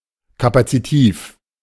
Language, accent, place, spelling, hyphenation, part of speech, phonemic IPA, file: German, Germany, Berlin, kapazitiv, ka‧pa‧zi‧tiv, adjective, /ˌkapat͡siˈtiːf/, De-kapazitiv.ogg
- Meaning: capacitive